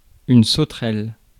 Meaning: 1. bush-cricket 2. grasshopper, locust 3. sauterelle (instrument to trace and form angles)
- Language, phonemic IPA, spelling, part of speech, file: French, /so.tʁɛl/, sauterelle, noun, Fr-sauterelle.ogg